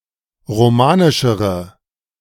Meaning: inflection of romanisch: 1. strong/mixed nominative/accusative feminine singular comparative degree 2. strong nominative/accusative plural comparative degree
- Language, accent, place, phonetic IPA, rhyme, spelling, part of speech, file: German, Germany, Berlin, [ʁoˈmaːnɪʃəʁə], -aːnɪʃəʁə, romanischere, adjective, De-romanischere.ogg